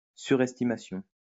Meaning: overestimation; overestimate
- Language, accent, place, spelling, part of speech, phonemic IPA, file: French, France, Lyon, surestimation, noun, /sy.ʁɛs.ti.ma.sjɔ̃/, LL-Q150 (fra)-surestimation.wav